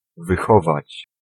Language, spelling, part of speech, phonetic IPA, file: Polish, wychować, verb, [vɨˈxɔvat͡ɕ], Pl-wychować.ogg